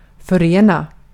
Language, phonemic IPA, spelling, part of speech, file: Swedish, /fœreːna/, förena, verb, Sv-förena.ogg
- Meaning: 1. to unite (separate entities) 2. to join together